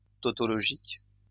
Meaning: tautological
- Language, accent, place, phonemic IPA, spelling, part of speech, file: French, France, Lyon, /tɔ.tɔ.lɔ.ʒik/, tautologique, adjective, LL-Q150 (fra)-tautologique.wav